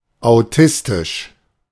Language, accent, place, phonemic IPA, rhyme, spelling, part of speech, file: German, Germany, Berlin, /aʊ̯ˈtɪstɪʃ/, -ɪstɪʃ, autistisch, adjective, De-autistisch.ogg
- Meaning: autistic